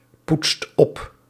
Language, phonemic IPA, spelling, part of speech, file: Dutch, /ˈputst ˈɔp/, poetst op, verb, Nl-poetst op.ogg
- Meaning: inflection of oppoetsen: 1. second/third-person singular present indicative 2. plural imperative